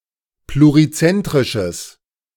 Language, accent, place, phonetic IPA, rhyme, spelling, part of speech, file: German, Germany, Berlin, [pluʁiˈt͡sɛntʁɪʃəs], -ɛntʁɪʃəs, plurizentrisches, adjective, De-plurizentrisches.ogg
- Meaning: strong/mixed nominative/accusative neuter singular of plurizentrisch